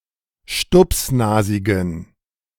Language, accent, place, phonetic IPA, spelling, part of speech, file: German, Germany, Berlin, [ˈʃtʊpsˌnaːzɪɡn̩], stupsnasigen, adjective, De-stupsnasigen.ogg
- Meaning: inflection of stupsnasig: 1. strong genitive masculine/neuter singular 2. weak/mixed genitive/dative all-gender singular 3. strong/weak/mixed accusative masculine singular 4. strong dative plural